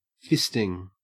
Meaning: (verb) present participle and gerund of fist; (noun) The act or sexual practice of inserting one or both hands into the vagina or rectum of oneself or one's sexual partner
- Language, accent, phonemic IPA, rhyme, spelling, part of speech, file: English, Australia, /ˈfɪstɪŋ/, -ɪstɪŋ, fisting, verb / noun, En-au-fisting.ogg